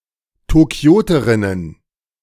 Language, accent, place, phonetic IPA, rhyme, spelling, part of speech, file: German, Germany, Berlin, [toˈki̯oːtəʁɪnən], -oːtəʁɪnən, Tokioterinnen, noun, De-Tokioterinnen.ogg
- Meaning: plural of Tokioterin